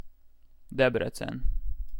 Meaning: a city in Hungary, the second largest city after the capital
- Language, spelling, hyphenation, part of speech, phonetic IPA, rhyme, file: Hungarian, Debrecen, Deb‧re‧cen, proper noun, [ˈdɛbrɛt͡sɛn], -ɛn, Hu-Debrecen.ogg